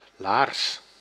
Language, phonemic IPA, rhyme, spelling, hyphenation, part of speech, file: Dutch, /laːrs/, -aːrs, laars, laars, noun / verb, Nl-laars.ogg
- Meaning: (noun) boot; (verb) inflection of laarzen: 1. first-person singular present indicative 2. second-person singular present indicative 3. imperative